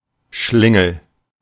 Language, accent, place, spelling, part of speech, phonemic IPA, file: German, Germany, Berlin, Schlingel, noun, /ˈʃlɪŋl̩/, De-Schlingel.ogg
- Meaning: scamp